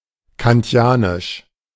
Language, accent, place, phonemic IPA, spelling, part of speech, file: German, Germany, Berlin, /kanˈti̯aːnɪʃ/, kantianisch, adjective, De-kantianisch.ogg
- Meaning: Kantian